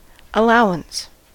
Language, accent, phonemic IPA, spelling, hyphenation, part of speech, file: English, US, /əˈlaʊɪns/, allowance, al‧low‧ance, noun / verb, En-us-allowance.ogg
- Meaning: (noun) 1. Permission; granting, conceding, or admitting 2. Acknowledgment